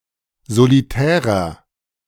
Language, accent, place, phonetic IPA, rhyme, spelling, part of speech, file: German, Germany, Berlin, [zoliˈtɛːʁɐ], -ɛːʁɐ, solitärer, adjective, De-solitärer.ogg
- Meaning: inflection of solitär: 1. strong/mixed nominative masculine singular 2. strong genitive/dative feminine singular 3. strong genitive plural